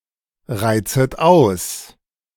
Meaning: second-person plural subjunctive I of ausreizen
- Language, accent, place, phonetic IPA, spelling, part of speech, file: German, Germany, Berlin, [ˌʁaɪ̯t͡sət ˈaʊ̯s], reizet aus, verb, De-reizet aus.ogg